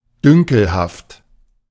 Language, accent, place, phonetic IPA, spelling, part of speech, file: German, Germany, Berlin, [ˈdʏŋkl̩haft], dünkelhaft, adjective, De-dünkelhaft.ogg
- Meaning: 1. snobbish (considering others as socially or morally inferior) 2. smug, vainglorious, arrogant (considering others as personally inferior)